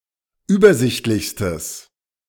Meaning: strong/mixed nominative/accusative neuter singular superlative degree of übersichtlich
- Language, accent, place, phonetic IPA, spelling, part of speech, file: German, Germany, Berlin, [ˈyːbɐˌzɪçtlɪçstəs], übersichtlichstes, adjective, De-übersichtlichstes.ogg